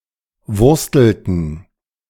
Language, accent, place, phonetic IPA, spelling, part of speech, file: German, Germany, Berlin, [ˈvʊʁstl̩tn̩], wurstelten, verb, De-wurstelten.ogg
- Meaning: inflection of wursteln: 1. first/third-person plural preterite 2. first/third-person plural subjunctive II